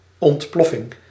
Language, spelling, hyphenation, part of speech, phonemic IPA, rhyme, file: Dutch, ontploffing, ont‧plof‧fing, noun, /ˌɔntˈplɔ.fɪŋ/, -ɔfɪŋ, Nl-ontploffing.ogg
- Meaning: explosion